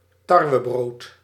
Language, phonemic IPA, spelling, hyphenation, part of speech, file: Dutch, /ˈtɑr.ʋəˌbroːt/, tarwebrood, tar‧we‧brood, noun, Nl-tarwebrood.ogg
- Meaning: wheat bread (bread made from wheat flour)